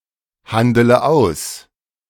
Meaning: inflection of aushandeln: 1. first-person singular present 2. first/third-person singular subjunctive I 3. singular imperative
- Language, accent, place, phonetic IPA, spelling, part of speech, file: German, Germany, Berlin, [ˌhandələ ˈaʊ̯s], handele aus, verb, De-handele aus.ogg